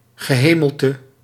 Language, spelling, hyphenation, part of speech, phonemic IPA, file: Dutch, gehemelte, ge‧he‧mel‧te, noun, /ɣəˈɦeː.məl.tə/, Nl-gehemelte.ogg
- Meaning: 1. the roof of the mouth, palate 2. taste, flavour; one's liking, especially in regards to taste 3. canopy, baldachin